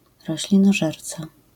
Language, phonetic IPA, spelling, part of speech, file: Polish, [ˌrɔɕlʲĩnɔˈʒɛrt͡sa], roślinożerca, noun, LL-Q809 (pol)-roślinożerca.wav